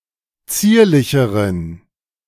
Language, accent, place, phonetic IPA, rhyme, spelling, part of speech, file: German, Germany, Berlin, [ˈt͡siːɐ̯lɪçəʁən], -iːɐ̯lɪçəʁən, zierlicheren, adjective, De-zierlicheren.ogg
- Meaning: inflection of zierlich: 1. strong genitive masculine/neuter singular comparative degree 2. weak/mixed genitive/dative all-gender singular comparative degree